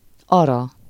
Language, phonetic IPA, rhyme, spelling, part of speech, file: Hungarian, [ˈɒrɒ], -rɒ, ara, noun, Hu-ara.ogg
- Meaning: bride